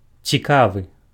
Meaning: 1. interesting (arousing or holding the attention of someone) 2. curious, inquisitive (tending to ask questions, or to want to explore or investigate)
- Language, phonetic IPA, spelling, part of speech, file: Belarusian, [t͡sʲiˈkavɨ], цікавы, adjective, Be-цікавы.ogg